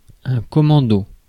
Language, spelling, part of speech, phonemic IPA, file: French, commando, noun, /kɔ.mɑ̃.do/, Fr-commando.ogg
- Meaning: commando (troop, trooper)